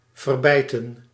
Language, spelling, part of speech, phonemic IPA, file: Dutch, verbijten, verb, /vərˈbɛitə(n)/, Nl-verbijten.ogg
- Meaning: 1. to suppress (pains, feelings, etc.) 2. to forbite